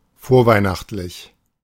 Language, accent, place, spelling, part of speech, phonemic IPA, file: German, Germany, Berlin, vorweihnachtlich, adjective, /ˈfoːɐ̯ˌvaɪ̯naχtlɪç/, De-vorweihnachtlich.ogg
- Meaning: advent